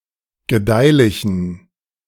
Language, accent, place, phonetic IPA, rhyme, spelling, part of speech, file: German, Germany, Berlin, [ɡəˈdaɪ̯lɪçn̩], -aɪ̯lɪçn̩, gedeihlichen, adjective, De-gedeihlichen.ogg
- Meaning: inflection of gedeihlich: 1. strong genitive masculine/neuter singular 2. weak/mixed genitive/dative all-gender singular 3. strong/weak/mixed accusative masculine singular 4. strong dative plural